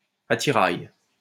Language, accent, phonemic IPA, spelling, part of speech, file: French, France, /a.ti.ʁaj/, attirail, noun, LL-Q150 (fra)-attirail.wav
- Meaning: paraphernalia, equipment